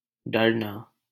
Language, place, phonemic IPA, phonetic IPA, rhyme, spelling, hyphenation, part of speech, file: Hindi, Delhi, /ɖəɾ.nɑː/, [ɖɐɾ.näː], -əɾnɑː, डरना, डर‧ना, verb, LL-Q1568 (hin)-डरना.wav
- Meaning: to fear